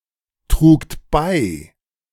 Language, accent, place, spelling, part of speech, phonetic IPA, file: German, Germany, Berlin, trugt bei, verb, [ˌtʁuːkt ˈbaɪ̯], De-trugt bei.ogg
- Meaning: second-person plural preterite of beitragen